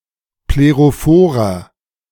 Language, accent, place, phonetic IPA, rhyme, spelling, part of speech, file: German, Germany, Berlin, [pleʁoˈfoːʁɐ], -oːʁɐ, plerophorer, adjective, De-plerophorer.ogg
- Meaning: inflection of plerophor: 1. strong/mixed nominative masculine singular 2. strong genitive/dative feminine singular 3. strong genitive plural